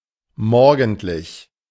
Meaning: matinal, morning
- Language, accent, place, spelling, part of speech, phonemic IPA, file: German, Germany, Berlin, morgendlich, adjective, /ˈmɔr.ɡənt.lɪç/, De-morgendlich.ogg